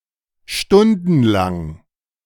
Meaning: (adjective) lasting for hours; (adverb) for hours
- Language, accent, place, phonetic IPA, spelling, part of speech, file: German, Germany, Berlin, [ˈʃtʊndn̩ˌlaŋ], stundenlang, adjective / adverb, De-stundenlang.ogg